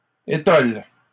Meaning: plural of étole
- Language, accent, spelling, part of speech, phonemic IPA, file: French, Canada, étoles, noun, /e.tɔl/, LL-Q150 (fra)-étoles.wav